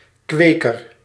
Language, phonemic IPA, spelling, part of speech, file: Dutch, /ˈkwekər/, kweker, noun, Nl-kweker.ogg
- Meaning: 1. nurseryman, cultivator 2. breeder (e.g. of fish)